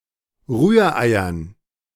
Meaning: dative plural of Rührei
- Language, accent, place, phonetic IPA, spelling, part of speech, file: German, Germany, Berlin, [ˈʁyːɐ̯ˌʔaɪ̯ɐn], Rühreiern, noun, De-Rühreiern.ogg